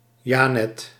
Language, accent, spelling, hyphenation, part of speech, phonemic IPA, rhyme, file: Dutch, Netherlands, janet, ja‧net, noun, /ˈʒɑ.nɛt/, -ɛt, Nl-janet.ogg
- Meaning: 1. an effeminate man 2. an effeminate homosexual